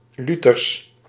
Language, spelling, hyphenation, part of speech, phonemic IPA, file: Dutch, luthers, lu‧thers, adjective, /ˈly.tərs/, Nl-luthers.ogg
- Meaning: Lutheran